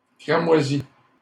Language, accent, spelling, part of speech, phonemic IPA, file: French, Canada, cramoisis, adjective, /kʁa.mwa.zi/, LL-Q150 (fra)-cramoisis.wav
- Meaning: masculine plural of cramoisi